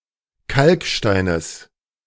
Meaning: genitive singular of Kalkstein
- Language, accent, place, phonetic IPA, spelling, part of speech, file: German, Germany, Berlin, [ˈkalkˌʃtaɪ̯nəs], Kalksteines, noun, De-Kalksteines.ogg